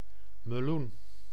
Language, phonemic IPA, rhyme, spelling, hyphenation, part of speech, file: Dutch, /məˈlun/, -un, meloen, me‧loen, noun, Nl-meloen.ogg
- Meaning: melon (plant or fruit of certain varieties of members of the Cucurbitaceae, notably excluding cucumbers and courgettes/zucchinis)